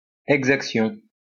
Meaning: 1. extortion 2. exaction
- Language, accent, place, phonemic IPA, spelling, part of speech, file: French, France, Lyon, /ɛɡ.zak.sjɔ̃/, exaction, noun, LL-Q150 (fra)-exaction.wav